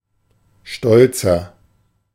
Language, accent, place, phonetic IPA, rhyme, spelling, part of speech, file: German, Germany, Berlin, [ˈʃtɔlt͡sɐ], -ɔlt͡sɐ, stolzer, adjective, De-stolzer.ogg
- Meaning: inflection of stolz: 1. strong/mixed nominative masculine singular 2. strong genitive/dative feminine singular 3. strong genitive plural